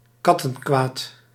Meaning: vexatious conduct, mischief
- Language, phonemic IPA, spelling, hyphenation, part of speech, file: Dutch, /ˈkɑtə(ŋ)kʋaːt/, kattenkwaad, kat‧ten‧kwaad, noun, Nl-kattenkwaad.ogg